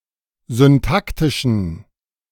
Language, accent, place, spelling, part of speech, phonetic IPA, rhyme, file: German, Germany, Berlin, syntaktischen, adjective, [zʏnˈtaktɪʃn̩], -aktɪʃn̩, De-syntaktischen.ogg
- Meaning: inflection of syntaktisch: 1. strong genitive masculine/neuter singular 2. weak/mixed genitive/dative all-gender singular 3. strong/weak/mixed accusative masculine singular 4. strong dative plural